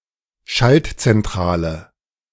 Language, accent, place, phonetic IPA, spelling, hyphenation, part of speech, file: German, Germany, Berlin, [ˈʃalt.t͡sɛnˈtʁaːlə], Schaltzentrale, Schalt‧zen‧t‧ra‧le, noun, De-Schaltzentrale.ogg
- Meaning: 1. switchboard 2. control centre